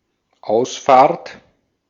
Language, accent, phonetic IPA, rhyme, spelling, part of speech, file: German, Austria, [ˈaʊ̯sˌfaːɐ̯t], -aʊ̯sfaːɐ̯t, Ausfahrt, noun, De-at-Ausfahrt.ogg
- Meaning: exit